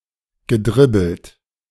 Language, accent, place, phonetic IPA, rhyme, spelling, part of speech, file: German, Germany, Berlin, [ɡəˈdʁɪbl̩t], -ɪbl̩t, gedribbelt, verb, De-gedribbelt.ogg
- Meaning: past participle of dribbeln